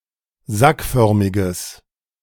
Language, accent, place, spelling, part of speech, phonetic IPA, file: German, Germany, Berlin, sackförmiges, adjective, [ˈzakˌfœʁmɪɡəs], De-sackförmiges.ogg
- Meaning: strong/mixed nominative/accusative neuter singular of sackförmig